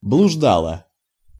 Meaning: feminine singular past indicative imperfective of блужда́ть (bluždátʹ)
- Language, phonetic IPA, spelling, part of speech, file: Russian, [bɫʊʐˈdaɫə], блуждала, verb, Ru-блуждала.ogg